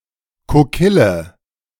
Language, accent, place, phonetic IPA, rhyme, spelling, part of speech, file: German, Germany, Berlin, [koˈkɪlə], -ɪlə, Kokille, noun, De-Kokille.ogg
- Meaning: mold / mould (to make metal ingots)